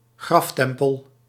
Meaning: burial temple
- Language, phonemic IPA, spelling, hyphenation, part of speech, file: Dutch, /ˈɣrɑfˌtɛm.pəl/, graftempel, graf‧tem‧pel, noun, Nl-graftempel.ogg